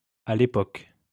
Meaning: at the time, back then
- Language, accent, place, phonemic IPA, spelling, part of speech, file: French, France, Lyon, /a l‿e.pɔk/, à l'époque, adverb, LL-Q150 (fra)-à l'époque.wav